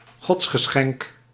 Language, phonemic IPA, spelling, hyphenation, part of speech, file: Dutch, /ˈɣɔts.xəˌsxɛŋk/, godsgeschenk, gods‧ge‧schenk, noun, Nl-godsgeschenk.ogg
- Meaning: godsend